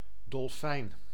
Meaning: dolphin, sea mammal of the family Delphinidae
- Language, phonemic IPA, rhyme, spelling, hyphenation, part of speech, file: Dutch, /dɔlˈfɛi̯n/, -ɛi̯n, dolfijn, dol‧fijn, noun, Nl-dolfijn.ogg